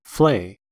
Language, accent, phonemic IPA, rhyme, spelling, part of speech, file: English, US, /fleɪ/, -eɪ, flay, verb / noun, En-us-flay.ogg
- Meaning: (verb) 1. To cause to fly; put to flight; drive off (by frightening) 2. To frighten; scare; terrify 3. To be fear-stricken; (noun) A fright; a scare